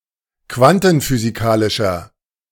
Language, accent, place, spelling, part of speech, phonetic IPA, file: German, Germany, Berlin, quantenphysikalischer, adjective, [ˈkvantn̩fyːziˌkaːlɪʃɐ], De-quantenphysikalischer.ogg
- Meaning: inflection of quantenphysikalisch: 1. strong/mixed nominative masculine singular 2. strong genitive/dative feminine singular 3. strong genitive plural